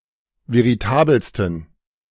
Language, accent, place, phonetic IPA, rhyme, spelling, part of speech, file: German, Germany, Berlin, [veʁiˈtaːbəlstn̩], -aːbəlstn̩, veritabelsten, adjective, De-veritabelsten.ogg
- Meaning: 1. superlative degree of veritabel 2. inflection of veritabel: strong genitive masculine/neuter singular superlative degree